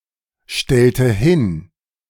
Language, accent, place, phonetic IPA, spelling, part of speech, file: German, Germany, Berlin, [ˌʃtɛltə ˈhɪn], stellte hin, verb, De-stellte hin.ogg
- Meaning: inflection of hinstellen: 1. first/third-person singular preterite 2. first/third-person singular subjunctive II